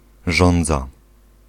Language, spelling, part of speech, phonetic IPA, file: Polish, żądza, noun, [ˈʒɔ̃nd͡za], Pl-żądza.ogg